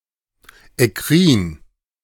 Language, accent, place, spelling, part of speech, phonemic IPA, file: German, Germany, Berlin, ekkrin, adjective, /ɛˈkʁiːn/, De-ekkrin.ogg
- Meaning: eccrine